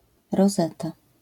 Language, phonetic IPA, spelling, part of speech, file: Polish, [rɔˈzɛta], rozeta, noun, LL-Q809 (pol)-rozeta.wav